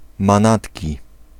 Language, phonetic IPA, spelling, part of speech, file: Polish, [mãˈnatʲci], manatki, noun, Pl-manatki.ogg